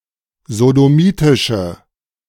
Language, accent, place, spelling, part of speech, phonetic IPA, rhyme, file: German, Germany, Berlin, sodomitische, adjective, [zodoˈmiːtɪʃə], -iːtɪʃə, De-sodomitische.ogg
- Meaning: inflection of sodomitisch: 1. strong/mixed nominative/accusative feminine singular 2. strong nominative/accusative plural 3. weak nominative all-gender singular